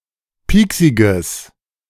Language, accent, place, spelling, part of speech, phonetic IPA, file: German, Germany, Berlin, pieksiges, adjective, [ˈpiːksɪɡəs], De-pieksiges.ogg
- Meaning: strong/mixed nominative/accusative neuter singular of pieksig